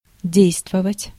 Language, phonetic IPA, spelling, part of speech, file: Russian, [ˈdʲejstvəvətʲ], действовать, verb, Ru-действовать.ogg
- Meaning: 1. to do an action or activity 2. to affect, to have an effect on